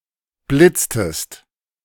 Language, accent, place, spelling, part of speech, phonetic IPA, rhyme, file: German, Germany, Berlin, blitztest, verb, [ˈblɪt͡stəst], -ɪt͡stəst, De-blitztest.ogg
- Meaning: inflection of blitzen: 1. second-person singular preterite 2. second-person singular subjunctive II